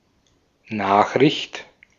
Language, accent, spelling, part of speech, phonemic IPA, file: German, Austria, Nachricht, noun, /ˈnaːxrɪçt/, De-at-Nachricht.ogg
- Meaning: 1. news, piece of news, notification 2. message (information which is sent from a source to a receiver) 3. news (kind of broadcast)